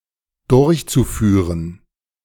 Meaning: zu-infinitive of durchführen
- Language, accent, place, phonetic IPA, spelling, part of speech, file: German, Germany, Berlin, [ˈdʊʁçt͡suˌfyːʁən], durchzuführen, verb, De-durchzuführen.ogg